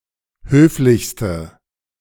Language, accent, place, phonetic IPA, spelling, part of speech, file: German, Germany, Berlin, [ˈhøːflɪçstə], höflichste, adjective, De-höflichste.ogg
- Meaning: inflection of höflich: 1. strong/mixed nominative/accusative feminine singular superlative degree 2. strong nominative/accusative plural superlative degree